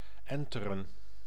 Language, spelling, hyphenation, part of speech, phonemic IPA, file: Dutch, enteren, en‧te‧ren, verb, /ˈɛn.tə.rə(n)/, Nl-enteren.ogg
- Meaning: to board, to capture and invade a ship